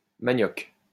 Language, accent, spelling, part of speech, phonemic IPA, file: French, France, manioc, noun, /ma.njɔk/, LL-Q150 (fra)-manioc.wav
- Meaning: cassava, manioc